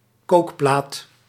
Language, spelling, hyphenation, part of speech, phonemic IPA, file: Dutch, kookplaat, kook‧plaat, noun, /ˈkoːk.plaːt/, Nl-kookplaat.ogg
- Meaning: cooktop, hob, hotplate